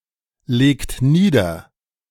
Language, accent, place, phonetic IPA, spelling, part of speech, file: German, Germany, Berlin, [ˌleːkt ˈniːdɐ], legt nieder, verb, De-legt nieder.ogg
- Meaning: inflection of niederlegen: 1. second-person plural present 2. third-person singular present 3. plural imperative